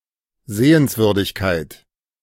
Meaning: something worth seeing, a sight, tourist attraction
- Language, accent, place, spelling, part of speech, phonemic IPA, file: German, Germany, Berlin, Sehenswürdigkeit, noun, /ˈzeːənsˌvʏʁdɪçkaɪ̯t/, De-Sehenswürdigkeit.ogg